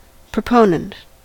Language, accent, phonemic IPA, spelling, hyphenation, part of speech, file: English, US, /pɹəˈpoʊnənt/, proponent, pro‧po‧nent, noun / adjective, En-us-proponent.ogg
- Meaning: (noun) 1. One who supports something; an advocate 2. One who makes a proposal or proposition 3. One who propounds a will for probate; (adjective) Making proposals; proposing